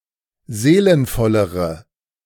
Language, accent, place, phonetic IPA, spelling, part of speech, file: German, Germany, Berlin, [ˈzeːlənfɔləʁə], seelenvollere, adjective, De-seelenvollere.ogg
- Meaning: inflection of seelenvoll: 1. strong/mixed nominative/accusative feminine singular comparative degree 2. strong nominative/accusative plural comparative degree